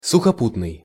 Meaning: land, by land (as opposed to sea or air)
- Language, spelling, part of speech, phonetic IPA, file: Russian, сухопутный, adjective, [sʊxɐˈputnɨj], Ru-сухопутный.ogg